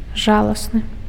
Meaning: deplorable, pathetic (lamentable, to be felt sorrow for, worthy of compassion)
- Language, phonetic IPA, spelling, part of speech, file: Belarusian, [ˈʐaɫasnɨ], жаласны, adjective, Be-жаласны.ogg